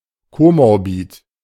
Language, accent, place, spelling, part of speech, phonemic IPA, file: German, Germany, Berlin, komorbid, adjective, /ˌkomɔʁˈbiːt/, De-komorbid.ogg
- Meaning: comorbid